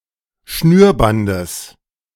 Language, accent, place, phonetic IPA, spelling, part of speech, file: German, Germany, Berlin, [ˈʃnyːɐ̯ˌbandəs], Schnürbandes, noun, De-Schnürbandes.ogg
- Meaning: genitive singular of Schnürband